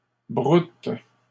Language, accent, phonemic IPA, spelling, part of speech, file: French, Canada, /bʁut/, broutes, verb, LL-Q150 (fra)-broutes.wav
- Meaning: second-person singular present indicative/subjunctive of brouter